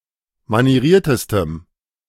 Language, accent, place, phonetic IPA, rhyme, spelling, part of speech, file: German, Germany, Berlin, [maniˈʁiːɐ̯təstəm], -iːɐ̯təstəm, manieriertestem, adjective, De-manieriertestem.ogg
- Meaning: strong dative masculine/neuter singular superlative degree of manieriert